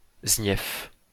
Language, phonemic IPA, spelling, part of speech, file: French, /znjɛf/, ZNIEFF, noun, LL-Q150 (fra)-ZNIEFF.wav
- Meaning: acronym of zone naturelle d'intérêt écologique, faunistique et floristique (“SCI; SSSI”)